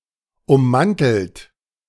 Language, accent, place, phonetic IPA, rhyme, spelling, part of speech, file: German, Germany, Berlin, [ʊmˈmantl̩tət], -antl̩tət, ummanteltet, verb, De-ummanteltet.ogg
- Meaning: inflection of ummanteln: 1. second-person plural preterite 2. second-person plural subjunctive II